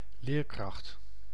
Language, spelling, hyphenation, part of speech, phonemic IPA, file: Dutch, leerkracht, leer‧kracht, noun, /ˈleːr.krɑxt/, Nl-leerkracht.ogg
- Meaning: 1. teacher, educator (qualified educator) 2. capacity or capability to learn